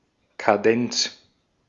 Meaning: 1. a cadenza (a part of a piece of music) 2. a cadence (a progression of at least two chords which conclude a piece of music)
- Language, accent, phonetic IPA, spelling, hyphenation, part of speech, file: German, Austria, [kaˈdɛnt͡s], Kadenz, Ka‧denz, noun, De-at-Kadenz.ogg